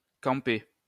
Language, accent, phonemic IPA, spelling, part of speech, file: French, France, /kɑ̃.pe/, camper, verb, LL-Q150 (fra)-camper.wav
- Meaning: 1. to camp 2. to plant, install, stand firmly